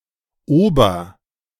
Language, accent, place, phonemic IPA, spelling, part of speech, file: German, Germany, Berlin, /ˈoːbɐ/, Ober, noun, De-Ober.ogg
- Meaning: 1. waiter (usually the head waiter, but sometimes any waiter) 2. over knave, queen